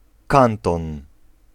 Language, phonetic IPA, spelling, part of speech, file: Polish, [ˈkãntɔ̃n], kanton, noun, Pl-kanton.ogg